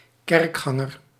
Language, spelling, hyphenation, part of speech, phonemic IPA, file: Dutch, kerkganger, kerk‧gan‧ger, noun, /ˈkɛrkˌxɑ.ŋər/, Nl-kerkganger.ogg
- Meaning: churchgoer